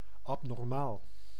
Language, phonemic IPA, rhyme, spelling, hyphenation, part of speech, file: Dutch, /ˌɑb.nɔrˈmaːl/, -aːl, abnormaal, ab‧nor‧maal, adjective, Nl-abnormaal.ogg
- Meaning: abnormal (not conforming to rule or system)